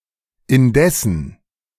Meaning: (conjunction) 1. nevertheless, and yet 2. while (at the same time); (adverb) 1. however, nevertheless 2. at the same time, meanwhile
- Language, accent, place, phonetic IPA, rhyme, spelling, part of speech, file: German, Germany, Berlin, [ɪnˈdɛsn̩], -ɛsn̩, indessen, conjunction, De-indessen.ogg